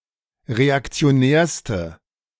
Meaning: inflection of reaktionär: 1. strong/mixed nominative/accusative feminine singular superlative degree 2. strong nominative/accusative plural superlative degree
- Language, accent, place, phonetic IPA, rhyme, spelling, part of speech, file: German, Germany, Berlin, [ʁeakt͡si̯oˈnɛːɐ̯stə], -ɛːɐ̯stə, reaktionärste, adjective, De-reaktionärste.ogg